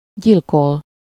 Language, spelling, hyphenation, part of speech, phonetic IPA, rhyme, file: Hungarian, gyilkol, gyil‧kol, verb, [ˈɟilkol], -ol, Hu-gyilkol.ogg
- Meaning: to murder, slay, kill